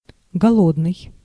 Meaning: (adjective) 1. hungry, starving 2. famine, starveling, starvation, hunger 3. meagre, scanty, poor; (noun) hungry person, starving person
- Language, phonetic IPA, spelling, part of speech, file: Russian, [ɡɐˈɫodnɨj], голодный, adjective / noun, Ru-голодный.ogg